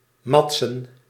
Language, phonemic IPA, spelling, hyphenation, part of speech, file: Dutch, /ˈmɑt.sə(n)/, matsen, mat‧sen, verb, Nl-matsen.ogg
- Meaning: to go easy on (someone) as a favour